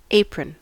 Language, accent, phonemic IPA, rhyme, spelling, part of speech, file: English, US, /ˈeɪ.pɹən/, -eɪpɹən, apron, noun / verb, En-us-apron.ogg
- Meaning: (noun) An article of clothing worn over the front of the torso and/or legs for protection from spills; also historically worn by Freemasons and as part of women's fashion